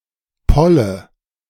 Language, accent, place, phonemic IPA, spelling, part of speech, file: German, Germany, Berlin, /ˈpɔlə/, Polle, noun, De-Polle.ogg
- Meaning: A single grain or lump of pollen